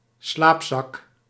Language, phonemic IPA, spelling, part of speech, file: Dutch, /ˈslaːp.zɑk/, slaapzak, noun, Nl-slaapzak.ogg
- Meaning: sleeping bag